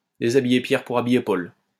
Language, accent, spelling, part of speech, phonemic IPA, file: French, France, déshabiller Pierre pour habiller Paul, verb, /de.za.bi.je pjɛʁ pu.ʁ‿a.bi.je pol/, LL-Q150 (fra)-déshabiller Pierre pour habiller Paul.wav
- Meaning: to rob Peter to pay Paul